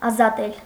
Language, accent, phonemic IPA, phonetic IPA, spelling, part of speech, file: Armenian, Eastern Armenian, /ɑzɑˈtel/, [ɑzɑtél], ազատել, verb, Hy-ազատել.ogg
- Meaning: to free